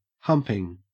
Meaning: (verb) present participle and gerund of hump; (noun) 1. A hump or mound 2. Sexual intercourse
- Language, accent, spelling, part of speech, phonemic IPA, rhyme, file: English, Australia, humping, verb / noun, /ˈhʌmpɪŋ/, -ʌmpɪŋ, En-au-humping.ogg